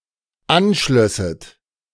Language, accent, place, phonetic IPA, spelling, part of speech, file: German, Germany, Berlin, [ˈanˌʃlœsət], anschlösset, verb, De-anschlösset.ogg
- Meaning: second-person plural dependent subjunctive II of anschließen